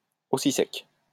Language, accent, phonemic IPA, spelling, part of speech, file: French, France, /o.si sɛk/, aussi sec, adverb, LL-Q150 (fra)-aussi sec.wav
- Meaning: at once, right away